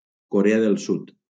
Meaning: South Korea (a country in East Asia, comprising the southern part of the Korean Peninsula)
- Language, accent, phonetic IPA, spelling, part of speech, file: Catalan, Valencia, [koˈɾe.a ðel ˈsut], Corea del Sud, proper noun, LL-Q7026 (cat)-Corea del Sud.wav